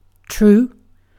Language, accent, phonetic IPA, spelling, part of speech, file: English, UK, [t̠ɹ̠̊˔ʷu̠ː], true, adjective / adverb / noun / verb, En-uk-true.ogg
- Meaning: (adjective) Conforming to the actual state of reality or fact; factually correct